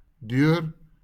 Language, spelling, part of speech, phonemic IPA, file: Afrikaans, deur, noun / preposition / adverb, /dɪør/, LL-Q14196 (afr)-deur.wav
- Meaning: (noun) door; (preposition) 1. through 2. by (indicating an agent)